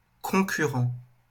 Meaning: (adjective) 1. concurrent, simultaneous 2. competitive, in competition; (noun) competitor (person against whom one is competing)
- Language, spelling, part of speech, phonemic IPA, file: French, concurrent, adjective / noun, /kɔ̃.ky.ʁɑ̃/, LL-Q150 (fra)-concurrent.wav